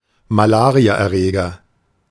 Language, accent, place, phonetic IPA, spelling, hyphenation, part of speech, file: German, Germany, Berlin, [maˈlaːʁiaʔɛɐ̯ˌʁeːɡɐ], Malariaerreger, Ma‧la‧ria‧er‧re‧ger, noun, De-Malariaerreger.ogg
- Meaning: malaria pathogen